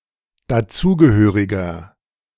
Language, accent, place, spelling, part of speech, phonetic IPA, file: German, Germany, Berlin, dazugehöriger, adjective, [daˈt͡suːɡəˌhøːʁɪɡɐ], De-dazugehöriger.ogg
- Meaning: inflection of dazugehörig: 1. strong/mixed nominative masculine singular 2. strong genitive/dative feminine singular 3. strong genitive plural